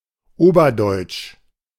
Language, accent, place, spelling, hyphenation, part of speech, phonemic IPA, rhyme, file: German, Germany, Berlin, oberdeutsch, ober‧deutsch, adjective, /ˈoːbɐˌdɔɪ̯t͡ʃ/, -ɔɪ̯t͡ʃ, De-oberdeutsch.ogg
- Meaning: Upper German